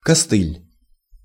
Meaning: 1. crutch 2. rail spike 3. tail skid 4. kludge, workaround, hack
- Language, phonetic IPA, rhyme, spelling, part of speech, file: Russian, [kɐˈstɨlʲ], -ɨlʲ, костыль, noun, Ru-костыль.ogg